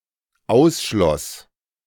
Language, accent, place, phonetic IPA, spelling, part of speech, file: German, Germany, Berlin, [ˈaʊ̯sˌʃlɔs], ausschloss, verb, De-ausschloss.ogg
- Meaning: first/third-person singular dependent preterite of ausschließen